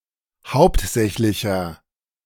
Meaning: inflection of hauptsächlich: 1. strong/mixed nominative masculine singular 2. strong genitive/dative feminine singular 3. strong genitive plural
- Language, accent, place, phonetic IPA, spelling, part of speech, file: German, Germany, Berlin, [ˈhaʊ̯ptˌzɛçlɪçɐ], hauptsächlicher, adjective, De-hauptsächlicher.ogg